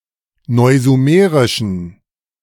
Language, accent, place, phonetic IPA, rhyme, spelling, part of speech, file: German, Germany, Berlin, [ˌnɔɪ̯zuˈmeːʁɪʃn̩], -eːʁɪʃn̩, neusumerischen, adjective, De-neusumerischen.ogg
- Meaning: inflection of neusumerisch: 1. strong genitive masculine/neuter singular 2. weak/mixed genitive/dative all-gender singular 3. strong/weak/mixed accusative masculine singular 4. strong dative plural